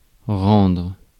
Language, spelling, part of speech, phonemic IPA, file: French, rendre, verb, /ʁɑ̃dʁ/, Fr-rendre.ogg
- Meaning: 1. to give back: to return, to restore, to give back 2. to give back: to repay; to reciprocate (an action, emotions) 3. to render: to render, to make 4. to render: to express, to convey